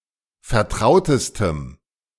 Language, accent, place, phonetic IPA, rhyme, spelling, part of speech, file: German, Germany, Berlin, [fɛɐ̯ˈtʁaʊ̯təstəm], -aʊ̯təstəm, vertrautestem, adjective, De-vertrautestem.ogg
- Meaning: strong dative masculine/neuter singular superlative degree of vertraut